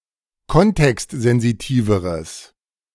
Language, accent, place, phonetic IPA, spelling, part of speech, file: German, Germany, Berlin, [ˈkɔntɛkstzɛnziˌtiːvəʁəs], kontextsensitiveres, adjective, De-kontextsensitiveres.ogg
- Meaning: strong/mixed nominative/accusative neuter singular comparative degree of kontextsensitiv